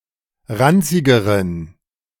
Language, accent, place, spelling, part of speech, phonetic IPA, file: German, Germany, Berlin, ranzigeren, adjective, [ˈʁant͡sɪɡəʁən], De-ranzigeren.ogg
- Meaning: inflection of ranzig: 1. strong genitive masculine/neuter singular comparative degree 2. weak/mixed genitive/dative all-gender singular comparative degree